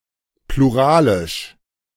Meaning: plural
- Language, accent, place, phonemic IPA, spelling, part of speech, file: German, Germany, Berlin, /pluˈʁaːlɪʃ/, pluralisch, adjective, De-pluralisch.ogg